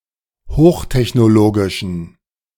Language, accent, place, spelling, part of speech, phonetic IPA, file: German, Germany, Berlin, hochtechnologischen, adjective, [ˈhoːxtɛçnoˌloːɡɪʃn̩], De-hochtechnologischen.ogg
- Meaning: inflection of hochtechnologisch: 1. strong genitive masculine/neuter singular 2. weak/mixed genitive/dative all-gender singular 3. strong/weak/mixed accusative masculine singular